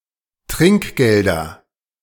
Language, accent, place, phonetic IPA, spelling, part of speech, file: German, Germany, Berlin, [ˈtʁɪŋkˌɡeldɐ], Trinkgelder, noun, De-Trinkgelder.ogg
- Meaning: nominative/accusative/genitive plural of Trinkgeld